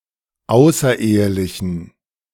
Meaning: inflection of außerehelich: 1. strong genitive masculine/neuter singular 2. weak/mixed genitive/dative all-gender singular 3. strong/weak/mixed accusative masculine singular 4. strong dative plural
- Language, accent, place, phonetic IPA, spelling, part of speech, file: German, Germany, Berlin, [ˈaʊ̯sɐˌʔeːəlɪçn̩], außerehelichen, adjective, De-außerehelichen.ogg